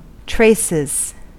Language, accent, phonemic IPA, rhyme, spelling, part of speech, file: English, US, /ˈtɹeɪsɪz/, -eɪsɪz, traces, noun / verb, En-us-traces.ogg
- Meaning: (noun) 1. plural of trace 2. minute remnants; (verb) third-person singular simple present indicative of trace